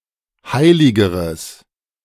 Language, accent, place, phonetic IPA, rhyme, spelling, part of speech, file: German, Germany, Berlin, [ˈhaɪ̯lɪɡəʁəs], -aɪ̯lɪɡəʁəs, heiligeres, adjective, De-heiligeres.ogg
- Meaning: strong/mixed nominative/accusative neuter singular comparative degree of heilig